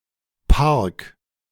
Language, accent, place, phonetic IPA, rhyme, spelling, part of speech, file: German, Germany, Berlin, [paʁk], -aʁk, park, verb, De-park.ogg
- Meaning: 1. singular imperative of parken 2. first-person singular present of parken